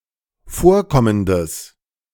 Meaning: strong/mixed nominative/accusative neuter singular of vorkommend
- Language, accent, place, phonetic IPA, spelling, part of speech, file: German, Germany, Berlin, [ˈfoːɐ̯ˌkɔməndəs], vorkommendes, adjective, De-vorkommendes.ogg